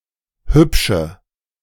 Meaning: inflection of hübsch: 1. strong/mixed nominative/accusative feminine singular 2. strong nominative/accusative plural 3. weak nominative all-gender singular 4. weak accusative feminine/neuter singular
- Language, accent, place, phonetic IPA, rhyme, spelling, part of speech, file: German, Germany, Berlin, [ˈhʏpʃə], -ʏpʃə, hübsche, adjective, De-hübsche.ogg